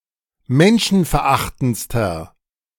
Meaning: inflection of menschenverachtend: 1. strong/mixed nominative masculine singular superlative degree 2. strong genitive/dative feminine singular superlative degree
- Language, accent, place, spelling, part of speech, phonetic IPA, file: German, Germany, Berlin, menschenverachtendster, adjective, [ˈmɛnʃn̩fɛɐ̯ˌʔaxtn̩t͡stɐ], De-menschenverachtendster.ogg